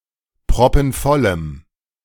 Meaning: strong dative masculine/neuter singular of proppenvoll
- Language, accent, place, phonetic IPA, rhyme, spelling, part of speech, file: German, Germany, Berlin, [pʁɔpn̩ˈfɔləm], -ɔləm, proppenvollem, adjective, De-proppenvollem.ogg